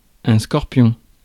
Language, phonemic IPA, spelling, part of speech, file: French, /skɔʁ.pjɔ̃/, scorpion, noun, Fr-scorpion.ogg
- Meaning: scorpion